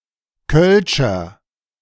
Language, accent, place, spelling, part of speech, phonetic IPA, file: German, Germany, Berlin, kölscher, adjective, [kœlʃɐ], De-kölscher.ogg
- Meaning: inflection of kölsch: 1. strong/mixed nominative masculine singular 2. strong genitive/dative feminine singular 3. strong genitive plural